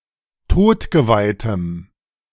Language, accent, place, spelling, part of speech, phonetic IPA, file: German, Germany, Berlin, todgeweihtem, adjective, [ˈtoːtɡəvaɪ̯təm], De-todgeweihtem.ogg
- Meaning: strong dative masculine/neuter singular of todgeweiht